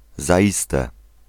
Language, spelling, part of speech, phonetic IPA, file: Polish, zaiste, particle, [zaˈʲistɛ], Pl-zaiste.ogg